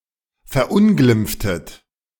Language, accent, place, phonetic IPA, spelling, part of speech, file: German, Germany, Berlin, [fɛɐ̯ˈʔʊnɡlɪmp͡ftət], verunglimpftet, verb, De-verunglimpftet.ogg
- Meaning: inflection of verunglimpfen: 1. second-person plural preterite 2. second-person plural subjunctive II